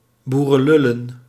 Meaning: plural of boerenlul
- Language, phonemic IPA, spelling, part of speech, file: Dutch, /ˈburə(n)ˌlʏlə(n)/, boerenlullen, noun, Nl-boerenlullen.ogg